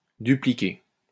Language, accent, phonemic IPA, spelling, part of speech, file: French, France, /dy.pli.ke/, dupliquer, verb, LL-Q150 (fra)-dupliquer.wav
- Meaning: to duplicate